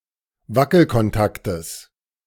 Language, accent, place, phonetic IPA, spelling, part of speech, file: German, Germany, Berlin, [ˈvakl̩kɔnˌtaktəs], Wackelkontaktes, noun, De-Wackelkontaktes.ogg
- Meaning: genitive of Wackelkontakt